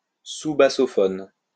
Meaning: sousaphone
- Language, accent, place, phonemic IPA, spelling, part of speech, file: French, France, Lyon, /su.ba.sɔ.fɔn/, soubassophone, noun, LL-Q150 (fra)-soubassophone.wav